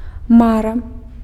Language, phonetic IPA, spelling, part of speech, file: Belarusian, [ˈmara], мара, noun, Be-мара.ogg
- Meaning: dream (hope or wish)